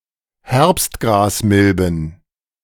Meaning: plural of Herbstgrasmilbe
- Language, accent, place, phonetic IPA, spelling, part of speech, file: German, Germany, Berlin, [ˈhɛʁpstɡʁaːsˌmɪlbn̩], Herbstgrasmilben, noun, De-Herbstgrasmilben.ogg